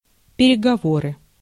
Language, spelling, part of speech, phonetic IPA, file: Russian, переговоры, noun, [pʲɪrʲɪɡɐˈvorɨ], Ru-переговоры.ogg
- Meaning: talks, negotiation